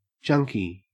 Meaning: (adjective) 1. Resembling or characteristic of junk; cheap, worthless, or of low quality 2. Full of junk; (noun) Alternative spelling of junkie
- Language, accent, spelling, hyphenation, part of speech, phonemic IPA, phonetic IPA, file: English, Australia, junky, jun‧ky, adjective / noun, /ˈd͡ʒʌŋkiː/, [ˈd͡ʒʌŋkʰɪi̯], En-au-junky.ogg